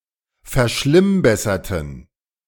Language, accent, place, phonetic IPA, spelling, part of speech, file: German, Germany, Berlin, [fɛɐ̯ˈʃlɪmˌbɛsɐtn̩], verschlimmbesserten, adjective / verb, De-verschlimmbesserten.ogg
- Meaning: inflection of verschlimmbessern: 1. first/third-person plural preterite 2. first/third-person plural subjunctive II